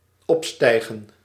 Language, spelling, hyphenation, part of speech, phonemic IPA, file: Dutch, opstijgen, op‧stij‧gen, verb, /ˈɔpˌstɛi̯.ɣə(n)/, Nl-opstijgen.ogg
- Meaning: 1. to ascend, to rise 2. to take off (with an aircraft)